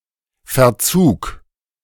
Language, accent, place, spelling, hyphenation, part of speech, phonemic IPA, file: German, Germany, Berlin, Verzug, Ver‧zug, noun, /fɛɐ̯ˈt͡suːk/, De-Verzug.ogg
- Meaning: delay